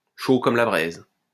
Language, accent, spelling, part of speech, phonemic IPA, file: French, France, chaud comme la braise, adjective, /ʃo kɔm la bʁɛz/, LL-Q150 (fra)-chaud comme la braise.wav
- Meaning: hot as blazes; red-hot; on fire